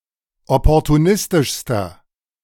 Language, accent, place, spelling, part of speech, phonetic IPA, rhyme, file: German, Germany, Berlin, opportunistischster, adjective, [ˌɔpɔʁtuˈnɪstɪʃstɐ], -ɪstɪʃstɐ, De-opportunistischster.ogg
- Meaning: inflection of opportunistisch: 1. strong/mixed nominative masculine singular superlative degree 2. strong genitive/dative feminine singular superlative degree